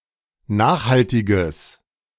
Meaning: strong/mixed nominative/accusative neuter singular of nachhaltig
- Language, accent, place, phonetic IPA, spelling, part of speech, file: German, Germany, Berlin, [ˈnaːxhaltɪɡəs], nachhaltiges, adjective, De-nachhaltiges.ogg